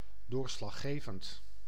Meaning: decisive, conclusive
- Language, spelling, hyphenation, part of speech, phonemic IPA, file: Dutch, doorslaggevend, door‧slag‧ge‧vend, adjective, /ˌdoːr.slɑ(x)ˈɣeː.əvnt/, Nl-doorslaggevend.ogg